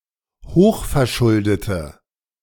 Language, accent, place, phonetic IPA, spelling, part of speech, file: German, Germany, Berlin, [ˈhoːxfɛɐ̯ˌʃʊldətə], hochverschuldete, adjective, De-hochverschuldete.ogg
- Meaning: inflection of hochverschuldet: 1. strong/mixed nominative/accusative feminine singular 2. strong nominative/accusative plural 3. weak nominative all-gender singular